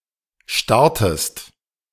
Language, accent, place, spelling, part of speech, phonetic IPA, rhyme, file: German, Germany, Berlin, startest, verb, [ˈʃtaʁtəst], -aʁtəst, De-startest.ogg
- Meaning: inflection of starten: 1. second-person singular present 2. second-person singular subjunctive I